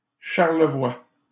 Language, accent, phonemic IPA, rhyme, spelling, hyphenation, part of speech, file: French, Canada, /ʃaʁ.lə.vwa/, -a, Charlevoix, Char‧le‧voix, proper noun, LL-Q150 (fra)-Charlevoix.wav
- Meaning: 1. a region of Quebec, Canada 2. a regional county municipality of Capitale-Nationale, Quebec, Canada 3. a surname